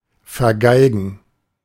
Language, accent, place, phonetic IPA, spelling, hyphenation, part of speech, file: German, Germany, Berlin, [fɛɐ̯ˈɡaɪ̯ɡn̩], vergeigen, ver‧gei‧gen, verb, De-vergeigen.ogg
- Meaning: 1. to screw up 2. to play the wrong note on the violin 3. to spend time playing violin